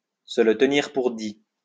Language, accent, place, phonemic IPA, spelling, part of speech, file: French, France, Lyon, /sə lə t(ə).niʁ puʁ di/, se le tenir pour dit, verb, LL-Q150 (fra)-se le tenir pour dit.wav
- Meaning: to take it as read